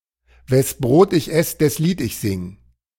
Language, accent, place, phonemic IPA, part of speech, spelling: German, Germany, Berlin, /vɛs ˈbʁoːt ɪç ˈɛs dɛs ˈliːt ɪç ˈzɪŋ/, proverb, wes Brot ich ess, des Lied ich sing
- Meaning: people tend to side with whoever pays them; people put personal needs or advantages above convictions